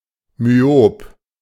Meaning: myopic
- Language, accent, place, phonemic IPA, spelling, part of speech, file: German, Germany, Berlin, /myˈoːp/, myop, adjective, De-myop.ogg